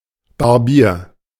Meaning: barber (male or of unspecified gender)
- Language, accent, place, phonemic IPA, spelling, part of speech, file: German, Germany, Berlin, /baʁˈbiːɐ̯/, Barbier, noun, De-Barbier.ogg